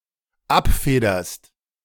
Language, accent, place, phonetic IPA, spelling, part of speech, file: German, Germany, Berlin, [ˈapˌfeːdɐst], abfederst, verb, De-abfederst.ogg
- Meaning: second-person singular dependent present of abfedern